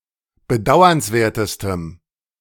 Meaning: strong dative masculine/neuter singular superlative degree of bedauernswert
- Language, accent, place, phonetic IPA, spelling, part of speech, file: German, Germany, Berlin, [bəˈdaʊ̯ɐnsˌveːɐ̯təstəm], bedauernswertestem, adjective, De-bedauernswertestem.ogg